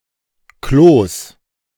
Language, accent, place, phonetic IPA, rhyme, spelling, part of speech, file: German, Germany, Berlin, [kloːs], -oːs, Klos, noun, De-Klos.ogg
- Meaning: plural of Klo